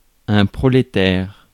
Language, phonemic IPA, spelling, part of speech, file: French, /pʁɔ.le.tɛʁ/, prolétaire, noun / adjective, Fr-prolétaire.ogg
- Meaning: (noun) proletarian